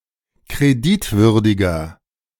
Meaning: 1. comparative degree of kreditwürdig 2. inflection of kreditwürdig: strong/mixed nominative masculine singular 3. inflection of kreditwürdig: strong genitive/dative feminine singular
- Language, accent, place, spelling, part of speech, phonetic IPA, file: German, Germany, Berlin, kreditwürdiger, adjective, [kʁeˈdɪtˌvʏʁdɪɡɐ], De-kreditwürdiger.ogg